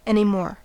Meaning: Alternative form of any more
- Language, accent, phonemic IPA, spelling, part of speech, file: English, US, /ˌɛn.iˈmɔɹ/, anymore, adverb, En-us-anymore.ogg